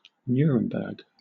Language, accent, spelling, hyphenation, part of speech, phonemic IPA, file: English, Southern England, Nuremberg, Nu‧rem‧berg, proper noun, /ˈnjʊəɹəmbəɡ/, LL-Q1860 (eng)-Nuremberg.wav
- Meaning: 1. A major city in Bavaria, Germany 2. The trial of Nazi criminals that took place there, after World War II